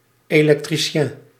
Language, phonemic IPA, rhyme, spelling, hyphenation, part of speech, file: Dutch, /ˌeː.lɛk.triˈʃɛn/, -ɛn, elektricien, elek‧tri‧cien, noun, Nl-elektricien.ogg
- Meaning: electrician (specialist in installing and maintaining electrical equipment)